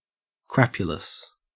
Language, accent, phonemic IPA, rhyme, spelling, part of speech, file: English, Australia, /ˈkɹæpjʊləs/, -æpjʊləs, crapulous, adjective, En-au-crapulous.ogg
- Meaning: 1. Characterized by excessive eating or drinking 2. Suffering physically from the consequences of excessive eating or drinking